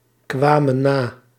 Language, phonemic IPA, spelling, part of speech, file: Dutch, /ˈkwamə(n) ˈna/, kwamen na, verb, Nl-kwamen na.ogg
- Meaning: inflection of nakomen: 1. plural past indicative 2. plural past subjunctive